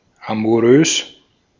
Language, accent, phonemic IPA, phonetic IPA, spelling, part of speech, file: German, Austria, /amuˈʁøːs/, [ʔamuˈʁøːs], amourös, adjective, De-at-amourös.ogg
- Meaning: amorous